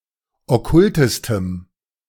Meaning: strong dative masculine/neuter singular superlative degree of okkult
- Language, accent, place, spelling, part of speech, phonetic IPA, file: German, Germany, Berlin, okkultestem, adjective, [ɔˈkʊltəstəm], De-okkultestem.ogg